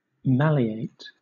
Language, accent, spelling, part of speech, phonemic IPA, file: English, Southern England, malleate, verb, /ˈmæl.i.eɪt/, LL-Q1860 (eng)-malleate.wav
- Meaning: To beat into shape with a hammer